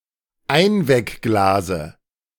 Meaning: dative singular of Einweckglas
- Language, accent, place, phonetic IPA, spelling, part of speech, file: German, Germany, Berlin, [ˈaɪ̯nvɛkˌɡlaːzə], Einweckglase, noun, De-Einweckglase.ogg